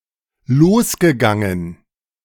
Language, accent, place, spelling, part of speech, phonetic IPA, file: German, Germany, Berlin, losgegangen, verb, [ˈloːsɡəˌɡaŋən], De-losgegangen.ogg
- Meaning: past participle of losgehen